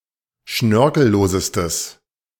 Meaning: strong/mixed nominative/accusative neuter singular superlative degree of schnörkellos
- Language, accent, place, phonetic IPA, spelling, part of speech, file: German, Germany, Berlin, [ˈʃnœʁkl̩ˌloːzəstəs], schnörkellosestes, adjective, De-schnörkellosestes.ogg